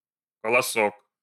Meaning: 1. endearing diminutive of ко́лос (kólos, “ear (of corn, etc.)”) 2. spikelet
- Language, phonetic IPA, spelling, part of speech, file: Russian, [kəɫɐˈsok], колосок, noun, Ru-колосок.ogg